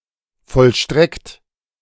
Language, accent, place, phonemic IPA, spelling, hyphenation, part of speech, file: German, Germany, Berlin, /ˌfɔlˈʃtʁɛkt/, vollstreckt, voll‧streckt, verb, De-vollstreckt.ogg
- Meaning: 1. past participle of vollstrecken 2. inflection of vollstrecken: second-person plural present 3. inflection of vollstrecken: third-person singular present